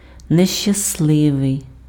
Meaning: 1. unhappy 2. unlucky, unfortunate, luckless, ill-starred
- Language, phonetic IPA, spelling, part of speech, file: Ukrainian, [neʃt͡ʃɐsˈɫɪʋei̯], нещасливий, adjective, Uk-нещасливий.ogg